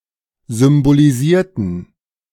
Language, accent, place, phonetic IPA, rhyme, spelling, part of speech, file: German, Germany, Berlin, [zʏmboliˈziːɐ̯tn̩], -iːɐ̯tn̩, symbolisierten, adjective / verb, De-symbolisierten.ogg
- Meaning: inflection of symbolisieren: 1. first/third-person plural preterite 2. first/third-person plural subjunctive II